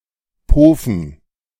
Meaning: to sleep, crash
- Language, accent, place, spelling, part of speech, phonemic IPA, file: German, Germany, Berlin, pofen, verb, /ˈpoːfn̩/, De-pofen.ogg